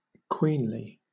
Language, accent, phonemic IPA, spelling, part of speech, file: English, Southern England, /ˈkwiːnli/, queenly, adjective / adverb, LL-Q1860 (eng)-queenly.wav
- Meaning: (adjective) 1. Having the status, rank or qualities of a queen; regal 2. Resembling a queen (a typically feminine gay man); queenish; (adverb) In a queenly manner; regally